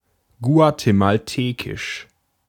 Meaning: of Guatemala; Guatemalan
- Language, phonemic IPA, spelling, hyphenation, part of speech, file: German, /ɡu̯atemalˈteːkɪʃ/, guatemaltekisch, gua‧te‧mal‧te‧kisch, adjective, De-guatemaltekisch.ogg